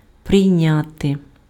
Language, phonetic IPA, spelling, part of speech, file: Ukrainian, [prei̯ˈnʲate], прийняти, verb, Uk-прийняти.ogg
- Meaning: 1. to accept (a gift, an excuse, etc.) 2. to admit, to take on (take into service) 3. to receive, to entertain, (guests) 4. to adopt (a resolution)